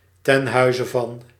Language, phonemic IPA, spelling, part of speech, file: Dutch, /tɛn ˈɦœy̯.zə vɑn/, ten huize van, prepositional phrase, Nl-ten huize van.ogg
- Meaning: at the house/home of